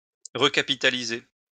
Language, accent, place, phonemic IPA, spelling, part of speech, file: French, France, Lyon, /ʁə.ka.pi.ta.li.ze/, recapitaliser, verb, LL-Q150 (fra)-recapitaliser.wav
- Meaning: to recapitalize